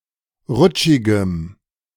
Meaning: strong dative masculine/neuter singular of rutschig
- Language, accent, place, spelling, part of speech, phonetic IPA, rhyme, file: German, Germany, Berlin, rutschigem, adjective, [ˈʁʊt͡ʃɪɡəm], -ʊt͡ʃɪɡəm, De-rutschigem.ogg